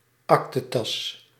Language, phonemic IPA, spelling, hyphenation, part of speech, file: Dutch, /ˈɑk.təˌtɑs/, aktetas, ak‧te‧tas, noun, Nl-aktetas.ogg
- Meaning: briefcase